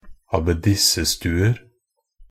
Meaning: indefinite plural of abbedissestue
- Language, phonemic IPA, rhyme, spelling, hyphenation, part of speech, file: Norwegian Bokmål, /abeˈdɪsːə.stʉːər/, -ər, abbedissestuer, ab‧bed‧is‧se‧stu‧er, noun, Nb-abbedissestuer.ogg